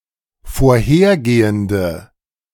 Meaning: inflection of vorhergehend: 1. strong/mixed nominative/accusative feminine singular 2. strong nominative/accusative plural 3. weak nominative all-gender singular
- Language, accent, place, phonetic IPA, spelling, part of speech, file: German, Germany, Berlin, [foːɐ̯ˈheːɐ̯ˌɡeːəndə], vorhergehende, adjective, De-vorhergehende.ogg